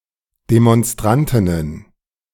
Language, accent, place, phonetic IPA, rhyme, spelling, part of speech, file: German, Germany, Berlin, [demɔnˈstʁantɪnən], -antɪnən, Demonstrantinnen, noun, De-Demonstrantinnen.ogg
- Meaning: plural of Demonstrantin